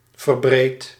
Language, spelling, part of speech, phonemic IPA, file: Dutch, verbreed, verb, /vərˈbret/, Nl-verbreed.ogg
- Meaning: inflection of verbreden: 1. first-person singular present indicative 2. second-person singular present indicative 3. imperative